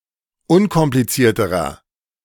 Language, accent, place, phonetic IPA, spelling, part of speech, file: German, Germany, Berlin, [ˈʊnkɔmplit͡siːɐ̯təʁɐ], unkomplizierterer, adjective, De-unkomplizierterer.ogg
- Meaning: inflection of unkompliziert: 1. strong/mixed nominative masculine singular comparative degree 2. strong genitive/dative feminine singular comparative degree